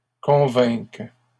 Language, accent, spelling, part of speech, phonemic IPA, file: French, Canada, convainques, verb, /kɔ̃.vɛ̃k/, LL-Q150 (fra)-convainques.wav
- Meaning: second-person singular present subjunctive of convaincre